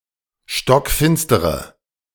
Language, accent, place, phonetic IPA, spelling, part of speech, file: German, Germany, Berlin, [ʃtɔkˈfɪnstəʁə], stockfinstere, adjective, De-stockfinstere.ogg
- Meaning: inflection of stockfinster: 1. strong/mixed nominative/accusative feminine singular 2. strong nominative/accusative plural 3. weak nominative all-gender singular